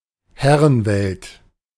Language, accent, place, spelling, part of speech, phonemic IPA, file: German, Germany, Berlin, Herrenwelt, noun, /ˈhɛʁənˌvɛlt/, De-Herrenwelt.ogg
- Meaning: men